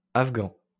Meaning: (adjective) Afghan (of, from or relating to Afghanistan); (noun) synonym of pachto (“the Pashto language”)
- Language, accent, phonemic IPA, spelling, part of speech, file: French, France, /af.ɡɑ̃/, afghan, adjective / noun, LL-Q150 (fra)-afghan.wav